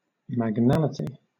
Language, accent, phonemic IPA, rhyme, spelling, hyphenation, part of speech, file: English, Southern England, /mæɡˈnælɪti/, -ælɪti, magnality, mag‧nal‧i‧ty, noun, LL-Q1860 (eng)-magnality.wav
- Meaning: A great or wonderful thing; a marvel